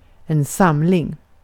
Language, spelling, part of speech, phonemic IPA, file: Swedish, samling, noun, /²samlɪŋ/, Sv-samling.ogg
- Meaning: 1. collection 2. gathering